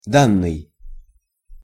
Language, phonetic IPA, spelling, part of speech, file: Russian, [ˈdanːɨj], данный, verb / adjective, Ru-данный.ogg
- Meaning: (verb) past passive perfective participle of дать (datʹ); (adjective) given, present, this